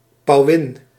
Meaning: 1. a peahen, a female peafowl 2. a gorgeous, impressively dressed, vain or ostentatious woman
- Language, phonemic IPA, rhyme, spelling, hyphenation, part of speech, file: Dutch, /pɑu̯ˈɪn/, -ɪn, pauwin, pau‧win, noun, Nl-pauwin.ogg